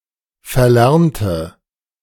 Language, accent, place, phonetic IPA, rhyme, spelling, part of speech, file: German, Germany, Berlin, [fɛɐ̯ˈlɛʁntə], -ɛʁntə, verlernte, adjective / verb, De-verlernte.ogg
- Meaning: inflection of verlernen: 1. first/third-person singular preterite 2. first/third-person singular subjunctive II